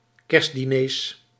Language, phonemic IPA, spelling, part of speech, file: Dutch, /ˈkɛrst.diˈnes/, kerstdiners, noun, Nl-kerstdiners.ogg
- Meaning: plural of kerstdiner